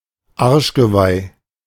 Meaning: tramp stamp, arse antlers (lower-back tattoo)
- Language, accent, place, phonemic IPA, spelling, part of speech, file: German, Germany, Berlin, /ˈaʁʃɡəˌvaɪ̯/, Arschgeweih, noun, De-Arschgeweih.ogg